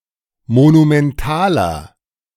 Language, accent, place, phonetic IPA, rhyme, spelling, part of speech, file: German, Germany, Berlin, [monumɛnˈtaːlɐ], -aːlɐ, monumentaler, adjective, De-monumentaler.ogg
- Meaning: 1. comparative degree of monumental 2. inflection of monumental: strong/mixed nominative masculine singular 3. inflection of monumental: strong genitive/dative feminine singular